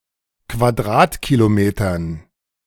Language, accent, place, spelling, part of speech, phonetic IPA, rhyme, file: German, Germany, Berlin, Quadratkilometern, noun, [kvaˈdʁaːtkiloˌmeːtɐn], -aːtkilomeːtɐn, De-Quadratkilometern.ogg
- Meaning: dative plural of Quadratkilometer